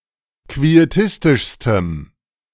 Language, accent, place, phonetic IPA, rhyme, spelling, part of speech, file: German, Germany, Berlin, [kvieˈtɪstɪʃstəm], -ɪstɪʃstəm, quietistischstem, adjective, De-quietistischstem.ogg
- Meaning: strong dative masculine/neuter singular superlative degree of quietistisch